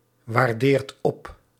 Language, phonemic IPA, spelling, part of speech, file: Dutch, /wɑrˈdert ˈɔp/, waardeert op, verb, Nl-waardeert op.ogg
- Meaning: inflection of opwaarderen: 1. second/third-person singular present indicative 2. plural imperative